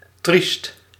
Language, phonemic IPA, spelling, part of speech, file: Dutch, /trist/, triest, adjective, Nl-triest.ogg
- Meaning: 1. pitiful 2. sad